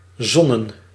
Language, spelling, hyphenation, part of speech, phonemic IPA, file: Dutch, zonnen, zon‧nen, verb / noun, /ˈzɔnə(n)/, Nl-zonnen.ogg
- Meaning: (verb) to sunbathe; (noun) plural of zon; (verb) inflection of zinnen: 1. plural past indicative 2. plural past subjunctive